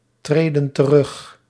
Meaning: inflection of terugtreden: 1. plural present indicative 2. plural present subjunctive
- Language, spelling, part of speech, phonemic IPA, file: Dutch, treden terug, verb, /ˈtredə(n) t(ə)ˈrʏx/, Nl-treden terug.ogg